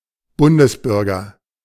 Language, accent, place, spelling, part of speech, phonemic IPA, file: German, Germany, Berlin, Bundesbürger, noun, /ˈbʊndəsˌbʏrɡər/, De-Bundesbürger.ogg
- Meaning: a citizen of the Federal Republic of Germany, whether they live in Germany or not (male or of unspecified gender)